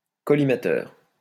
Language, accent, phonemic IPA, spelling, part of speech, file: French, France, /kɔ.li.ma.tœʁ/, collimateur, noun, LL-Q150 (fra)-collimateur.wav
- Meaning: 1. sight (on a weapon) 2. collimator